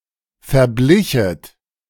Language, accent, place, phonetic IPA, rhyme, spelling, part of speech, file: German, Germany, Berlin, [fɛɐ̯ˈblɪçət], -ɪçət, verblichet, verb, De-verblichet.ogg
- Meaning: second-person plural subjunctive II of verbleichen